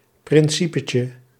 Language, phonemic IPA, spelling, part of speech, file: Dutch, /prɪnˈsipəcə/, principetje, noun, Nl-principetje.ogg
- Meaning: diminutive of principe